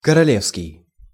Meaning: royal (relating to a monarch or their family)
- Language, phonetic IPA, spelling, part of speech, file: Russian, [kərɐˈlʲefskʲɪj], королевский, adjective, Ru-королевский.ogg